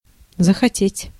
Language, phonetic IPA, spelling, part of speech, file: Russian, [zəxɐˈtʲetʲ], захотеть, verb, Ru-захотеть.ogg
- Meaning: to begin to want, to begin to desire